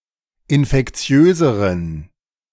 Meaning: inflection of infektiös: 1. strong genitive masculine/neuter singular comparative degree 2. weak/mixed genitive/dative all-gender singular comparative degree
- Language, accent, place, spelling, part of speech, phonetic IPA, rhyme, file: German, Germany, Berlin, infektiöseren, adjective, [ɪnfɛkˈt͡si̯øːzəʁən], -øːzəʁən, De-infektiöseren.ogg